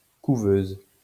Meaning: 1. a broody hen 2. an incubator for sick or premature newborns; couveuse
- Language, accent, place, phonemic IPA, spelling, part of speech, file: French, France, Lyon, /ku.vøz/, couveuse, noun, LL-Q150 (fra)-couveuse.wav